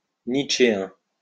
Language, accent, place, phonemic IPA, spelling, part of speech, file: French, France, Lyon, /nit.ʃe.ɛ̃/, nietzschéen, adjective, LL-Q150 (fra)-nietzschéen.wav
- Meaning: Nietzschean